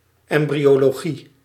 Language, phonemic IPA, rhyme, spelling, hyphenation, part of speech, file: Dutch, /ˌɛm.bri.oː.loːˈɣi/, -i, embryologie, em‧bryo‧lo‧gie, noun, Nl-embryologie.ogg
- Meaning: embryology